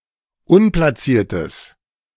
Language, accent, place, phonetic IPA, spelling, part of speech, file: German, Germany, Berlin, [ˈʊnplaˌt͡siːɐ̯təs], unplatziertes, adjective, De-unplatziertes.ogg
- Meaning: strong/mixed nominative/accusative neuter singular of unplatziert